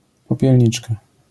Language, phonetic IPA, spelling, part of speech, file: Polish, [ˌpɔpʲjɛlʲˈɲit͡ʃka], popielniczka, noun, LL-Q809 (pol)-popielniczka.wav